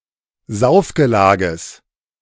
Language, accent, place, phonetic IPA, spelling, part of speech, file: German, Germany, Berlin, [ˈzaʊ̯fɡəˌlaːɡəs], Saufgelages, noun, De-Saufgelages.ogg
- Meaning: genitive singular of Saufgelage